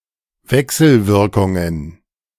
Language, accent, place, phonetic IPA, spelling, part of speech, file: German, Germany, Berlin, [ˈvɛksl̩ˌvɪʁkʊŋən], Wechselwirkungen, noun, De-Wechselwirkungen.ogg
- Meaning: plural of Wechselwirkung